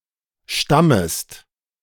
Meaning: second-person singular subjunctive I of stammen
- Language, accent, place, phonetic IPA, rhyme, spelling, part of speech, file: German, Germany, Berlin, [ˈʃtaməst], -aməst, stammest, verb, De-stammest.ogg